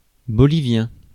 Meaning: of Bolivia; Bolivian
- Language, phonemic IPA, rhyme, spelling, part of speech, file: French, /bɔ.li.vjɛ̃/, -ɛ̃, bolivien, adjective, Fr-bolivien.ogg